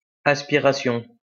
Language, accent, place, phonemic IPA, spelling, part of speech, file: French, France, Lyon, /as.pi.ʁa.sjɔ̃/, aspiration, noun, LL-Q150 (fra)-aspiration.wav
- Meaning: aspiration